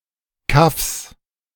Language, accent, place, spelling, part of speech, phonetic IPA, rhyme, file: German, Germany, Berlin, Kaffs, noun, [kafs], -afs, De-Kaffs.ogg
- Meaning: plural of Kaff